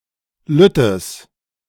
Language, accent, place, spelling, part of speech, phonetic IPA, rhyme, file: German, Germany, Berlin, lüttes, adjective, [ˈlʏtəs], -ʏtəs, De-lüttes.ogg
- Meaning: strong/mixed nominative/accusative neuter singular of lütt